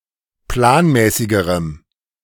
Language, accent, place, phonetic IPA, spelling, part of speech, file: German, Germany, Berlin, [ˈplaːnˌmɛːsɪɡəʁəm], planmäßigerem, adjective, De-planmäßigerem.ogg
- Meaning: strong dative masculine/neuter singular comparative degree of planmäßig